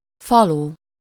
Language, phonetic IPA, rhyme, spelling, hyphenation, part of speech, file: Hungarian, [ˈfɒlu], -lu, falu, fa‧lu, noun, Hu-falu.ogg
- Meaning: village